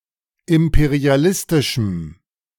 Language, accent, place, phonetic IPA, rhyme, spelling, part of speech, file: German, Germany, Berlin, [ˌɪmpeʁiaˈlɪstɪʃm̩], -ɪstɪʃm̩, imperialistischem, adjective, De-imperialistischem.ogg
- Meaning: strong dative masculine/neuter singular of imperialistisch